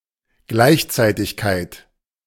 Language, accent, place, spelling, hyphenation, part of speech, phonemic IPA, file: German, Germany, Berlin, Gleichzeitigkeit, Gleich‧zei‧tig‧keit, noun, /ˈɡlaɪ̯çˌt͡saɪ̯tɪçkaɪ̯t/, De-Gleichzeitigkeit.ogg
- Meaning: simultaneity